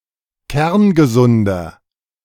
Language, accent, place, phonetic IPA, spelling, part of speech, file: German, Germany, Berlin, [ˈkɛʁnɡəˌzʊndɐ], kerngesunder, adjective, De-kerngesunder.ogg
- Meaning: inflection of kerngesund: 1. strong/mixed nominative masculine singular 2. strong genitive/dative feminine singular 3. strong genitive plural